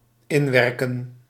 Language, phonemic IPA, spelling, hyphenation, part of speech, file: Dutch, /ˈɪnˌʋɛr.kə(n)/, inwerken, in‧wer‧ken, verb, Nl-inwerken.ogg
- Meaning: 1. to impact, to act 2. to familiarise or become familiarised with a new work activity, usually through on-the-job training